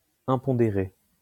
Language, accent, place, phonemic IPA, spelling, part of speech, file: French, France, Lyon, /ɛ̃.pɔ̃.de.ʁe/, impondéré, adjective, LL-Q150 (fra)-impondéré.wav
- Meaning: unweighable